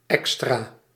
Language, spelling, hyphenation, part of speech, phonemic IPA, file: Dutch, extra, extra, adverb / adjective / noun, /ˈɛks.traː/, Nl-extra.ogg
- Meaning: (adverb) extra; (adjective) on purpose; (noun) something extra, something in addition